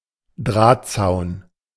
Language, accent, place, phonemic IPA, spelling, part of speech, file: German, Germany, Berlin, /ˈdʁaːtˌtsaʊ̯n/, Drahtzaun, noun, De-Drahtzaun.ogg
- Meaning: wire fence